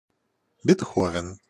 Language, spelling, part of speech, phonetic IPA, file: Russian, Бетховен, proper noun, [bʲɪtˈxovʲɪn], Ru-Бетховен.ogg
- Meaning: a transliteration of the German surname Beethoven